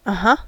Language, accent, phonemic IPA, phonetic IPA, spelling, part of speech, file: English, US, /ʌˈhʌ/, [ʌ˨ˈɦʌ˩˧], uh-huh, particle, En-us-uh-huh.ogg
- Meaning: Yes; yeah